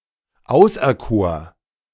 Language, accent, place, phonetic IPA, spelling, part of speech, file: German, Germany, Berlin, [ˈaʊ̯sʔɛɐ̯ˌkoːɐ̯], auserkor, verb, De-auserkor.ogg
- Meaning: first/third-person singular preterite of auserkiesen